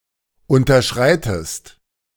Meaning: inflection of unterschreiten: 1. second-person singular present 2. second-person singular subjunctive I
- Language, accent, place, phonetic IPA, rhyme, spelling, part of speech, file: German, Germany, Berlin, [ˌʊntɐˈʃʁaɪ̯təst], -aɪ̯təst, unterschreitest, verb, De-unterschreitest.ogg